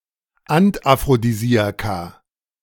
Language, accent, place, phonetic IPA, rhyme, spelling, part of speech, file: German, Germany, Berlin, [antʔafʁodiˈziːaka], -iːaka, Antaphrodisiaka, noun, De-Antaphrodisiaka.ogg
- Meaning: plural of Anaphrodisiakum